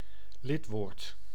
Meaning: article
- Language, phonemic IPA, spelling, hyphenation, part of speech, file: Dutch, /ˈlɪt.ʋoːrt/, lidwoord, lid‧woord, noun, Nl-lidwoord.ogg